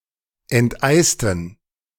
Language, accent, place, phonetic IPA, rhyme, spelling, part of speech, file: German, Germany, Berlin, [ɛntˈʔaɪ̯stn̩], -aɪ̯stn̩, enteisten, adjective / verb, De-enteisten.ogg
- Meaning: inflection of enteisen: 1. first/third-person plural preterite 2. first/third-person plural subjunctive II